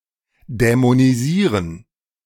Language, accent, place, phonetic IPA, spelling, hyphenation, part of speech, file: German, Germany, Berlin, [dɛmoniˈziːʁən], dämonisieren, dä‧mo‧ni‧sie‧ren, verb, De-dämonisieren.ogg
- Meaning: to demonize